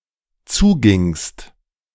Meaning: second-person singular dependent preterite of zugehen
- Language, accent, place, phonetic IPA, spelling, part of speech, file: German, Germany, Berlin, [ˈt͡suːˌɡɪŋst], zugingst, verb, De-zugingst.ogg